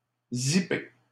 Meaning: 1. to zip, compress 2. to zip up (close using a zip)
- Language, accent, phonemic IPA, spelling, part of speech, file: French, Canada, /zi.pe/, zipper, verb, LL-Q150 (fra)-zipper.wav